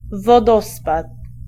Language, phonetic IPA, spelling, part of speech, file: Polish, [vɔˈdɔspat], wodospad, noun, Pl-wodospad.ogg